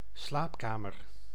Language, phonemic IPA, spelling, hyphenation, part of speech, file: Dutch, /ˈslaːpˌkaː.mər/, slaapkamer, slaap‧ka‧mer, noun, Nl-slaapkamer.ogg
- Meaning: bedroom